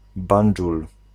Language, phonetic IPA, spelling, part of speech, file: Polish, [ˈbãn͇d͡ʒul], Bandżul, proper noun, Pl-Bandżul.ogg